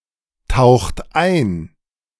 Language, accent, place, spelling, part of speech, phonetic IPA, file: German, Germany, Berlin, taucht ein, verb, [ˌtaʊ̯xt ˈaɪ̯n], De-taucht ein.ogg
- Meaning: inflection of eintauchen: 1. second-person plural present 2. third-person singular present 3. plural imperative